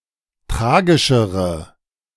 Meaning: inflection of tragischer: 1. strong/mixed nominative/accusative feminine singular 2. strong nominative/accusative plural 3. weak nominative all-gender singular
- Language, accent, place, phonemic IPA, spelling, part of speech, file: German, Germany, Berlin, /ˈtʁaːɡɪʃəʁə/, tragischere, adjective, De-tragischere.ogg